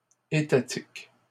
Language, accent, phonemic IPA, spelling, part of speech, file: French, Canada, /e.ta.tik/, étatiques, adjective, LL-Q150 (fra)-étatiques.wav
- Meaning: plural of étatique